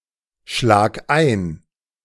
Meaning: singular imperative of einschlagen
- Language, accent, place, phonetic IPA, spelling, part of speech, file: German, Germany, Berlin, [ˌʃlaːk ˈaɪ̯n], schlag ein, verb, De-schlag ein.ogg